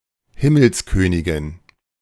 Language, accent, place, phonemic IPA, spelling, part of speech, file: German, Germany, Berlin, /ˈhɪməlsˌkøːnɪɡɪn/, Himmelskönigin, noun, De-Himmelskönigin.ogg
- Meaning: 1. Queen of Heaven, title for the Blessed Virgin Mary; Regina Coeli 2. a goddess of heaven